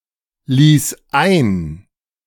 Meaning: first/third-person singular preterite of einlassen
- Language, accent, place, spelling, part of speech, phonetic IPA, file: German, Germany, Berlin, ließ ein, verb, [ˌliːs ˈaɪ̯n], De-ließ ein.ogg